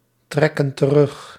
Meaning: inflection of terugtrekken: 1. plural present indicative 2. plural present subjunctive
- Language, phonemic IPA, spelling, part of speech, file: Dutch, /ˈtrɛkə(n) t(ə)ˈrʏx/, trekken terug, verb, Nl-trekken terug.ogg